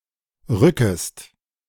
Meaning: second-person singular subjunctive I of rücken
- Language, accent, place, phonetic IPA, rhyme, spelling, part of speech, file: German, Germany, Berlin, [ˈʁʏkəst], -ʏkəst, rückest, verb, De-rückest.ogg